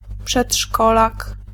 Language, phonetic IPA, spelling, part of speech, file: Polish, [pʃɛṭˈʃkɔlak], przedszkolak, noun, Pl-przedszkolak.ogg